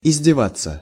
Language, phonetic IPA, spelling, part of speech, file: Russian, [ɪzʲdʲɪˈvat͡sːə], издеваться, verb, Ru-издеваться.ogg
- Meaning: 1. to jeer, to scoff, to taunt 2. to maltreat, to torture, to bully